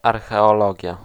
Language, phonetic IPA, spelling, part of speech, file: Polish, [ˌarxɛɔˈlɔɟja], archeologia, noun, Pl-archeologia.ogg